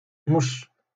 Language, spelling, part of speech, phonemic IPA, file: Moroccan Arabic, مش, noun, /muʃː/, LL-Q56426 (ary)-مش.wav
- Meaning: cat